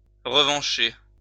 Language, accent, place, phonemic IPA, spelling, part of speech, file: French, France, Lyon, /ʁə.vɑ̃.ʃe/, revancher, verb, LL-Q150 (fra)-revancher.wav
- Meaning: to take revenge